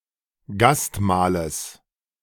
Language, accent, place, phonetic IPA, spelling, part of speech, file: German, Germany, Berlin, [ˈɡastˌmaːləs], Gastmahles, noun, De-Gastmahles.ogg
- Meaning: genitive singular of Gastmahl